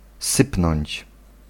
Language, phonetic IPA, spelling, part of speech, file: Polish, [ˈsɨpnɔ̃ɲt͡ɕ], sypnąć, verb, Pl-sypnąć.ogg